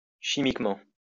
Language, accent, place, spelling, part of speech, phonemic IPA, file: French, France, Lyon, chimiquement, adverb, /ʃi.mik.mɑ̃/, LL-Q150 (fra)-chimiquement.wav
- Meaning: chemically